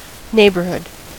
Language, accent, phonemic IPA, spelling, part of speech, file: English, US, /ˈneɪbɚˌhʊd/, neighborhood, noun, En-us-neighborhood.ogg
- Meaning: 1. The residential area near one's home 2. The inhabitants of a residential area 3. A formal or informal division of a municipality or region 4. An approximate amount